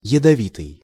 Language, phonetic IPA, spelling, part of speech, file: Russian, [(j)ɪdɐˈvʲitɨj], ядовитый, adjective, Ru-ядовитый.ogg
- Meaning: poisonous, venomous, noxious